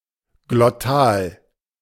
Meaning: glottal
- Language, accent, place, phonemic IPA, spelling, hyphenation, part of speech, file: German, Germany, Berlin, /ɡlɔˈtaːl/, Glottal, Glot‧tal, noun, De-Glottal.ogg